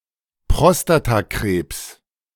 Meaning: prostate cancer
- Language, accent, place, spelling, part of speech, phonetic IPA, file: German, Germany, Berlin, Prostatakrebs, noun, [ˈpʁɔstataˌkʁeːps], De-Prostatakrebs.ogg